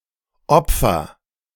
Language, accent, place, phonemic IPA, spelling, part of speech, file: German, Germany, Berlin, /ˈʔɔpfɐ/, opfer, verb, De-opfer.ogg
- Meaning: inflection of opfern: 1. first-person singular present 2. singular imperative